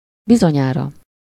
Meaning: certainly, surely, must (said about something that is very likely or probable to be true)
- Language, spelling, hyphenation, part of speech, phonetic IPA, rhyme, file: Hungarian, bizonyára, bi‧zo‧nyá‧ra, adverb, [ˈbizoɲaːrɒ], -rɒ, Hu-bizonyára.ogg